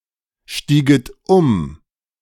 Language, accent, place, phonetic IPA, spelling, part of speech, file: German, Germany, Berlin, [ˌʃtiːɡət ˈʊm], stieget um, verb, De-stieget um.ogg
- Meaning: second-person plural subjunctive II of umsteigen